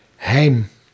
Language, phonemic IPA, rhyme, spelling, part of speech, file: Dutch, /ɦɛi̯m/, -ɛi̯m, heim, noun, Nl-heim.ogg
- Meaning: alternative form of heem